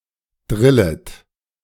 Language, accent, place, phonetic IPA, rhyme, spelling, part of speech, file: German, Germany, Berlin, [ˈdʁɪlət], -ɪlət, drillet, verb, De-drillet.ogg
- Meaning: second-person plural subjunctive I of drillen